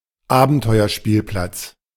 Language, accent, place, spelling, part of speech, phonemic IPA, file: German, Germany, Berlin, Abenteuerspielplatz, noun, /ˈaːbn̩tɔɪ̯ɐˌʃpiːlplat͡s/, De-Abenteuerspielplatz.ogg
- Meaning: adventure playground